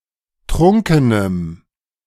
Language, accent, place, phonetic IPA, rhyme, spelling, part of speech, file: German, Germany, Berlin, [ˈtʁʊŋkənəm], -ʊŋkənəm, trunkenem, adjective, De-trunkenem.ogg
- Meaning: strong dative masculine/neuter singular of trunken